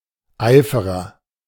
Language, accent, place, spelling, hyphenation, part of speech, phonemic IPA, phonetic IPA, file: German, Germany, Berlin, Eiferer, Ei‧fe‧rer, noun, /ˈaɪ̯fərər/, [ˈʔaɪ̯.fə.ʁɐ], De-Eiferer.ogg
- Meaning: zealot, fanatic